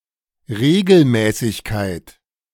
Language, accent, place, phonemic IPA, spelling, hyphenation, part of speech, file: German, Germany, Berlin, /ˈʁeːɡəlˌmɛːsɪçkaɪ̯t/, Regelmäßigkeit, Re‧gel‧mä‧ßig‧keit, noun, De-Regelmäßigkeit.ogg
- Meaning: 1. homogeneity, uniformity 2. regularity